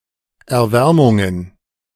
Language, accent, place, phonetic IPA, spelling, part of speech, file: German, Germany, Berlin, [ɛɐ̯ˈvɛʁmʊŋən], Erwärmungen, noun, De-Erwärmungen.ogg
- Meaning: plural of Erwärmung